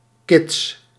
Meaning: children
- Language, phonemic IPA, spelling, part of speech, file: Dutch, /kɪts/, kids, noun, Nl-kids.ogg